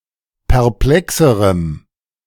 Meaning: strong dative masculine/neuter singular comparative degree of perplex
- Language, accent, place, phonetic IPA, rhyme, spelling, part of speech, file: German, Germany, Berlin, [pɛʁˈplɛksəʁəm], -ɛksəʁəm, perplexerem, adjective, De-perplexerem.ogg